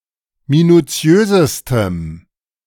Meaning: strong dative masculine/neuter singular superlative degree of minuziös
- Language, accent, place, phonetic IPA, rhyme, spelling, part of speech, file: German, Germany, Berlin, [minuˈt͡si̯øːzəstəm], -øːzəstəm, minuziösestem, adjective, De-minuziösestem.ogg